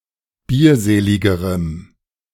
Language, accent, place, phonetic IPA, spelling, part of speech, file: German, Germany, Berlin, [ˈbiːɐ̯ˌzeːlɪɡəʁəm], bierseligerem, adjective, De-bierseligerem.ogg
- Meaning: strong dative masculine/neuter singular comparative degree of bierselig